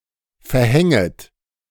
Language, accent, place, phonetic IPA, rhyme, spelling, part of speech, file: German, Germany, Berlin, [fɛɐ̯ˈhɛŋət], -ɛŋət, verhänget, verb, De-verhänget.ogg
- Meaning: second-person plural subjunctive I of verhängen